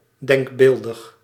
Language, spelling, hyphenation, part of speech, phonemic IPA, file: Dutch, denkbeeldig, denk‧beel‧dig, adjective, /ˌdɛŋkˈbeːl.dəx/, Nl-denkbeeldig.ogg
- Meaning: imaginary, notional